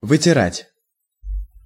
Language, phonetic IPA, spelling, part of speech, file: Russian, [vɨtʲɪˈratʲ], вытирать, verb, Ru-вытирать.ogg
- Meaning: to wipe